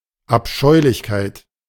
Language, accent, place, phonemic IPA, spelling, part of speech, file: German, Germany, Berlin, /ʔapˈʃɔɪ̯lɪçkaɪ̯t/, Abscheulichkeit, noun, De-Abscheulichkeit.ogg
- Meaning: 1. abomination 2. hideousness